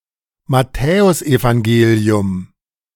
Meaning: the Gospel according to Matthew
- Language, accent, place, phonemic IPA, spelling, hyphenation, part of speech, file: German, Germany, Berlin, /maˈtɛːʊsʔevaŋˌɡeːli̯ʊm/, Matthäusevangelium, Mat‧thä‧us‧evan‧ge‧li‧um, proper noun, De-Matthäusevangelium.ogg